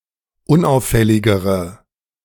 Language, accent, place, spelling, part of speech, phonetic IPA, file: German, Germany, Berlin, unauffälligere, adjective, [ˈʊnˌʔaʊ̯fɛlɪɡəʁə], De-unauffälligere.ogg
- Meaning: inflection of unauffällig: 1. strong/mixed nominative/accusative feminine singular comparative degree 2. strong nominative/accusative plural comparative degree